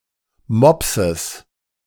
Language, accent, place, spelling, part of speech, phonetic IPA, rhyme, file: German, Germany, Berlin, Mopses, noun, [ˈmɔpsəs], -ɔpsəs, De-Mopses.ogg
- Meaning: genitive singular of Mops